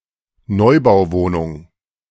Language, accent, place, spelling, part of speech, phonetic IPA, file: German, Germany, Berlin, Neubauwohnung, noun, [ˈnɔɪ̯baʊ̯ˌvoːnʊŋ], De-Neubauwohnung.ogg
- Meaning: newly built apartment